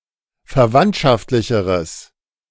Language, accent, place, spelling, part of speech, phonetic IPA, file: German, Germany, Berlin, verwandtschaftlicheres, adjective, [fɛɐ̯ˈvantʃaftlɪçəʁəs], De-verwandtschaftlicheres.ogg
- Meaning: strong/mixed nominative/accusative neuter singular comparative degree of verwandtschaftlich